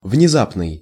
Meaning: sudden, unexpected
- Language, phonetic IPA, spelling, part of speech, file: Russian, [vnʲɪˈzapnɨj], внезапный, adjective, Ru-внезапный.ogg